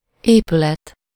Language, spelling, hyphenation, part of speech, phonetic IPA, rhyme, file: Hungarian, épület, épü‧let, noun, [ˈeːpylɛt], -ɛt, Hu-épület.ogg
- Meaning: building (a closed structure with walls and a roof)